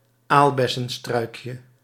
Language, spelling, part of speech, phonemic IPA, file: Dutch, aalbessenstruikje, noun, /ˈalbɛsə(n)ˌstrœykjə/, Nl-aalbessenstruikje.ogg
- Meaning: diminutive of aalbessenstruik